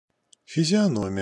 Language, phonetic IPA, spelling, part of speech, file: Russian, [fʲɪzʲɪɐˈnomʲɪjə], физиономия, noun, Ru-физиономия.ogg
- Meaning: 1. grimace, facial expression, mien 2. face